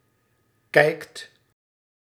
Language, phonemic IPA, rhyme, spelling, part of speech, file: Dutch, /kɛi̯kt/, -ɛi̯kt, kijkt, verb, Nl-kijkt.ogg
- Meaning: inflection of kijken: 1. second/third-person singular present indicative 2. plural imperative